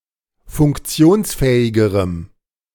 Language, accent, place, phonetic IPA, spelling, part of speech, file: German, Germany, Berlin, [fʊŋkˈt͡si̯oːnsˌfɛːɪɡəʁəm], funktionsfähigerem, adjective, De-funktionsfähigerem.ogg
- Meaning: strong dative masculine/neuter singular comparative degree of funktionsfähig